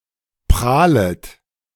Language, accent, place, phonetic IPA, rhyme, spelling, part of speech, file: German, Germany, Berlin, [ˈpʁaːlət], -aːlət, prahlet, verb, De-prahlet.ogg
- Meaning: second-person plural subjunctive I of prahlen